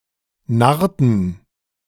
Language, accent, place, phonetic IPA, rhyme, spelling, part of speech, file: German, Germany, Berlin, [ˈnaʁtn̩], -aʁtn̩, narrten, verb, De-narrten.ogg
- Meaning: inflection of narren: 1. first/third-person plural preterite 2. first/third-person plural subjunctive II